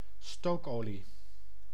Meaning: fuel oil, marine oil, furnace oil, heavy fuel
- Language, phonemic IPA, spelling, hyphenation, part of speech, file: Dutch, /ˈstoːkˌoː.li/, stookolie, stook‧olie, noun, Nl-stookolie.ogg